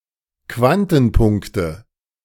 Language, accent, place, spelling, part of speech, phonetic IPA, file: German, Germany, Berlin, Quantenpunkte, noun, [ˈkvantn̩ˌpʊŋktə], De-Quantenpunkte.ogg
- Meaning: nominative/accusative/genitive plural of Quantenpunkt